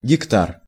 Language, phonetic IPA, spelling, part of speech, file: Russian, [ɡʲɪkˈtar], гектар, noun, Ru-гектар.ogg
- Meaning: hectare